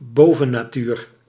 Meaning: 1. the metaphysical 2. the supernatural
- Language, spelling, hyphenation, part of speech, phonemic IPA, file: Dutch, bovennatuur, bo‧ven‧na‧tuur, noun, /ˈboː.və.naːˌtyːr/, Nl-bovennatuur.ogg